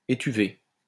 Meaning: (noun) steaming (of food); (adjective) feminine singular of étuvé
- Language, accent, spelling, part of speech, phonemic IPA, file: French, France, étuvée, noun / adjective, /e.ty.ve/, LL-Q150 (fra)-étuvée.wav